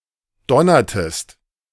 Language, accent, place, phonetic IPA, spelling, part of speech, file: German, Germany, Berlin, [ˈdɔnɐtəst], donnertest, verb, De-donnertest.ogg
- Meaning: inflection of donnern: 1. second-person singular preterite 2. second-person singular subjunctive II